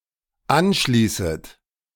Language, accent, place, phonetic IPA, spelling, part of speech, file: German, Germany, Berlin, [ˈanˌʃliːsət], anschließet, verb, De-anschließet.ogg
- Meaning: second-person plural dependent subjunctive I of anschließen